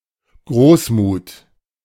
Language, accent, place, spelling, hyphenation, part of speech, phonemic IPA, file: German, Germany, Berlin, Großmut, Groß‧mut, noun, /ˈɡʁoːsmuːt/, De-Großmut.ogg
- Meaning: magnanimity, generosity